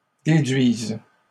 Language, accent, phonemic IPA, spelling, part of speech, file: French, Canada, /de.dɥiz/, déduise, verb, LL-Q150 (fra)-déduise.wav
- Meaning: first/third-person singular present subjunctive of déduire